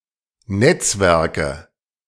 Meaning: nominative/accusative/genitive plural of Netzwerk "networks"
- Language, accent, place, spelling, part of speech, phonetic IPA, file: German, Germany, Berlin, Netzwerke, noun, [ˈnɛt͡sˌvɛʁkə], De-Netzwerke.ogg